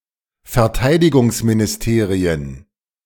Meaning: plural of Verteidigungsministerium
- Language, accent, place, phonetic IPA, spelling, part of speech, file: German, Germany, Berlin, [fɛɐ̯ˈtaɪ̯dɪɡʊŋsminɪsˌteːʁiən], Verteidigungsministerien, noun, De-Verteidigungsministerien.ogg